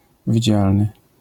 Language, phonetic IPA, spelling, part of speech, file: Polish, [vʲiˈd͡ʑalnɨ], widzialny, adjective, LL-Q809 (pol)-widzialny.wav